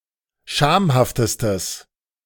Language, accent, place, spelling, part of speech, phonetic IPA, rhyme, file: German, Germany, Berlin, schamhaftestes, adjective, [ˈʃaːmhaftəstəs], -aːmhaftəstəs, De-schamhaftestes.ogg
- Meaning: strong/mixed nominative/accusative neuter singular superlative degree of schamhaft